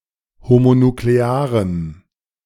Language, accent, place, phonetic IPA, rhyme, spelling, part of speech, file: German, Germany, Berlin, [homonukleˈaːʁəm], -aːʁəm, homonuklearem, adjective, De-homonuklearem.ogg
- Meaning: strong dative masculine/neuter singular of homonuklear